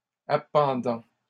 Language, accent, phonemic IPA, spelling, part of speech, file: French, Canada, /a.pɑ̃.dɑ̃/, appendant, verb, LL-Q150 (fra)-appendant.wav
- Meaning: present participle of appendre